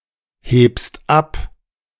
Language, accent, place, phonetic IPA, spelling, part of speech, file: German, Germany, Berlin, [ˌheːpst ˈap], hebst ab, verb, De-hebst ab.ogg
- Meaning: second-person singular present of abheben